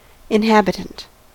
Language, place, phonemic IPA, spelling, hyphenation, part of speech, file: English, California, /ɪnˈhæb.ɪ.tənt/, inhabitant, in‧hab‧i‧tant, noun / adjective, En-us-inhabitant.ogg
- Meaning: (noun) 1. Someone or thing who lives in a place 2. A possible value for a type; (adjective) resident